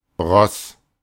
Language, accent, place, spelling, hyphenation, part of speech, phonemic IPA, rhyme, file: German, Germany, Berlin, Ross, Ross, noun, /ʁɔs/, -ɔs, De-Ross.ogg
- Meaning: 1. horse 2. stupid person, moron